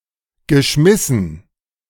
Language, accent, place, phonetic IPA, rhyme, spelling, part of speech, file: German, Germany, Berlin, [ɡəˈʃmɪsn̩], -ɪsn̩, geschmissen, verb, De-geschmissen.ogg
- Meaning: past participle of schmeißen